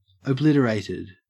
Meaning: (adjective) 1. Destroyed; (loosely) broken beyond repair 2. Forgotten 3. Very drunk or intoxicated; wasted; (verb) simple past and past participle of obliterate
- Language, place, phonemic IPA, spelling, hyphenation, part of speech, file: English, Queensland, /əˈblɪtəˌɹæɪtɪd/, obliterated, ob‧lit‧er‧at‧ed, adjective / verb, En-au-obliterated.ogg